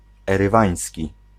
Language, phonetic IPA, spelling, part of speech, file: Polish, [ˌɛrɨˈvãj̃sʲci], erywański, adjective, Pl-erywański.ogg